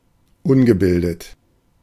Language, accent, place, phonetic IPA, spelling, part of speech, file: German, Germany, Berlin, [ˈʊnɡəˌbɪldət], ungebildet, adjective, De-ungebildet.ogg
- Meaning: uneducated; uncultured